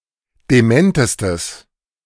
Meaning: strong/mixed nominative/accusative neuter singular superlative degree of dement
- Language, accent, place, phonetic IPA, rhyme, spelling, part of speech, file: German, Germany, Berlin, [deˈmɛntəstəs], -ɛntəstəs, dementestes, adjective, De-dementestes.ogg